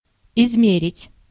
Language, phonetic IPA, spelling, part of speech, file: Russian, [ɪzˈmʲerʲɪtʲ], измерить, verb, Ru-измерить.ogg
- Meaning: to measure